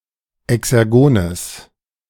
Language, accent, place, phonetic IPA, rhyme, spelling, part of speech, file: German, Germany, Berlin, [ɛksɛʁˈɡoːnəs], -oːnəs, exergones, adjective, De-exergones.ogg
- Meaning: strong/mixed nominative/accusative neuter singular of exergon